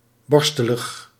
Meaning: prickly (of hair)
- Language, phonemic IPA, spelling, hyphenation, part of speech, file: Dutch, /ˈbɔrstələx/, borstelig, bor‧ste‧lig, adjective, Nl-borstelig.ogg